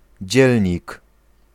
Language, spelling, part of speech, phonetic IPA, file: Polish, dzielnik, noun, [ˈd͡ʑɛlʲɲik], Pl-dzielnik.ogg